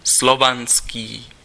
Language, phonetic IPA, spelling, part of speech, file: Czech, [ˈslovanskiː], slovanský, adjective, Cs-slovanský.ogg
- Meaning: Slavic, Slavonic